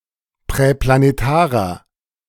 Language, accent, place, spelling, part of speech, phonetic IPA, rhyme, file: German, Germany, Berlin, präplanetarer, adjective, [pʁɛplaneˈtaːʁɐ], -aːʁɐ, De-präplanetarer.ogg
- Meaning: inflection of präplanetar: 1. strong/mixed nominative masculine singular 2. strong genitive/dative feminine singular 3. strong genitive plural